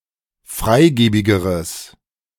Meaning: strong/mixed nominative/accusative neuter singular comparative degree of freigebig
- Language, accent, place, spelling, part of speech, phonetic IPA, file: German, Germany, Berlin, freigebigeres, adjective, [ˈfʁaɪ̯ˌɡeːbɪɡəʁəs], De-freigebigeres.ogg